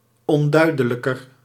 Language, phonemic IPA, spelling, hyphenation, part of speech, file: Dutch, /ɔnˈdœy̯dələkər/, onduidelijker, on‧dui‧de‧lij‧ker, adjective, Nl-onduidelijker.ogg
- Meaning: comparative degree of onduidelijk